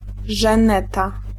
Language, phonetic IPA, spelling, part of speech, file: Polish, [ʒɛ̃ˈnɛta], żeneta, noun, Pl-żeneta.ogg